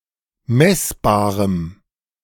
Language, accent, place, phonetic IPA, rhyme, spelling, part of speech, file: German, Germany, Berlin, [ˈmɛsbaːʁəm], -ɛsbaːʁəm, messbarem, adjective, De-messbarem.ogg
- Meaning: strong dative masculine/neuter singular of messbar